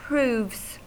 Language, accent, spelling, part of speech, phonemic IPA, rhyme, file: English, US, proves, verb / noun, /pɹuːvz/, -uːvz, En-us-proves.ogg
- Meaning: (verb) third-person singular simple present indicative of prove; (noun) plural of prove